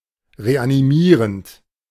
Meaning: present participle of reanimieren
- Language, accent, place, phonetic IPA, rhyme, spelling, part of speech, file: German, Germany, Berlin, [ʁeʔaniˈmiːʁənt], -iːʁənt, reanimierend, verb, De-reanimierend.ogg